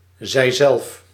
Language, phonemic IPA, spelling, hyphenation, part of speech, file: Dutch, /zɛi̯ˈzɛlf/, zijzelf, zij‧zelf, pronoun, Nl-zijzelf.ogg
- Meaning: 1. herself (subject) 2. themselves (subject)